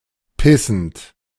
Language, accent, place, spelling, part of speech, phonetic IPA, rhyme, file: German, Germany, Berlin, pissend, verb, [ˈpɪsn̩t], -ɪsn̩t, De-pissend.ogg
- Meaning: present participle of pissen